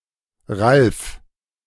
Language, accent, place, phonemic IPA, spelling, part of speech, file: German, Germany, Berlin, /ralf/, Ralf, proper noun, De-Ralf.ogg
- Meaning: a male given name